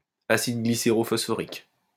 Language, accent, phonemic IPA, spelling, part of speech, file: French, France, /a.sid ɡli.se.ʁo.fɔs.fɔ.ʁik/, acide glycérophosphorique, noun, LL-Q150 (fra)-acide glycérophosphorique.wav
- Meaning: glycerophosphoric acid